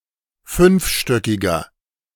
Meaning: inflection of fünfstöckig: 1. strong/mixed nominative masculine singular 2. strong genitive/dative feminine singular 3. strong genitive plural
- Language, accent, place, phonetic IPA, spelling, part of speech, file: German, Germany, Berlin, [ˈfʏnfˌʃtœkɪɡɐ], fünfstöckiger, adjective, De-fünfstöckiger.ogg